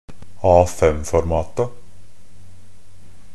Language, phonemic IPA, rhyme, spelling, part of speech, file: Norwegian Bokmål, /ˈɑːfɛmfɔɾmɑːta/, -ɑːta, A5-formata, noun, NB - Pronunciation of Norwegian Bokmål «A5-formata».ogg
- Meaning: definite plural of A5-format